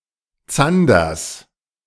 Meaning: genitive singular of Zander
- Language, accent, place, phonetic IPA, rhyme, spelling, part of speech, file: German, Germany, Berlin, [ˈt͡sandɐs], -andɐs, Zanders, noun, De-Zanders.ogg